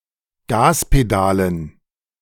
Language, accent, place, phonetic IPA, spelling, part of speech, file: German, Germany, Berlin, [ˈɡaːspeˌdaːlən], Gaspedalen, noun, De-Gaspedalen.ogg
- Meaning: dative plural of Gaspedal